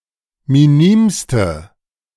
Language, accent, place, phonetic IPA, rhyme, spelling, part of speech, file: German, Germany, Berlin, [miˈniːmstə], -iːmstə, minimste, adjective, De-minimste.ogg
- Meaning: inflection of minim: 1. strong/mixed nominative/accusative feminine singular superlative degree 2. strong nominative/accusative plural superlative degree